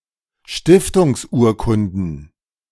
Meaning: plural of Stiftungsurkunde
- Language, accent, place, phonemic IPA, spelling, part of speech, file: German, Germany, Berlin, /ˈʃtɪftʊŋsˌuːɐ̯kʊndn̩/, Stiftungsurkunden, noun, De-Stiftungsurkunden.ogg